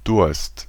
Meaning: thirst
- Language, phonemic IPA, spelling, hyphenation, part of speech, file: German, /dʊʁst/, Durst, Durst, noun, De-Durst.ogg